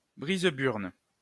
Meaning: plural of burne
- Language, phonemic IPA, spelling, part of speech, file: French, /byʁn/, burnes, noun, LL-Q150 (fra)-burnes.wav